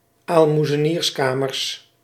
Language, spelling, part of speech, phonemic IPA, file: Dutch, aalmoezenierskamers, noun, /almuzəˈnirskamərs/, Nl-aalmoezenierskamers.ogg
- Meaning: plural of aalmoezenierskamer